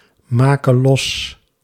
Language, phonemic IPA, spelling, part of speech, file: Dutch, /ˈmakə ˈlɔs/, make los, verb, Nl-make los.ogg
- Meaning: singular present subjunctive of losmaken